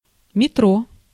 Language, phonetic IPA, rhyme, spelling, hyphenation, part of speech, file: Russian, [mʲɪˈtro], -o, метро, ме‧тро, noun, Ru-метро.ogg
- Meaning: subway, underground